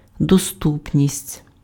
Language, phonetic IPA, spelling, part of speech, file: Ukrainian, [doˈstupnʲisʲtʲ], доступність, noun, Uk-доступність.ogg
- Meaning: 1. accessibility, availability 2. simplicity, comprehensibility, intelligibility 3. approachability